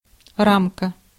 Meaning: 1. frame 2. framework 3. limits 4. metal detector (walk-through)
- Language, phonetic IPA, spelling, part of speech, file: Russian, [ˈramkə], рамка, noun, Ru-рамка.ogg